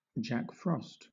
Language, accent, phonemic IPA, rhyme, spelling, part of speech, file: English, Southern England, /ˌdʒæk ˈfɹɒst/, -ɒst, Jack Frost, proper noun, LL-Q1860 (eng)-Jack Frost.wav
- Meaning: A personification of frosty weather or winter